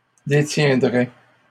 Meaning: third-person singular conditional of détenir
- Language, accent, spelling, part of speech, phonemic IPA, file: French, Canada, détiendrait, verb, /de.tjɛ̃.dʁɛ/, LL-Q150 (fra)-détiendrait.wav